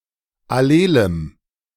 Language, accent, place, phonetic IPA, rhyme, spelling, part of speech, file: German, Germany, Berlin, [aˈleːləm], -eːləm, allelem, adjective, De-allelem.ogg
- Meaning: strong dative masculine/neuter singular of allel